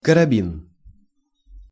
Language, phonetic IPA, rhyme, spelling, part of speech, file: Russian, [kərɐˈbʲin], -in, карабин, noun, Ru-карабин.ogg
- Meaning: 1. carbine (short-barreled rifle) 2. carabiner (metal link with a gate)